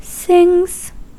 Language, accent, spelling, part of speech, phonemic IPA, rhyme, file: English, US, sings, verb / noun, /sɪŋz/, -ɪŋz, En-us-sings.ogg
- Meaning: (verb) third-person singular simple present indicative of sing; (noun) plural of sing